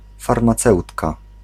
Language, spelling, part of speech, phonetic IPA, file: Polish, farmaceutka, noun, [ˌfarmaˈt͡sɛwtka], Pl-farmaceutka.ogg